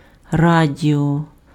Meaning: radio
- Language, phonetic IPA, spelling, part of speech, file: Ukrainian, [ˈradʲiɔ], радіо, noun, Uk-радіо.ogg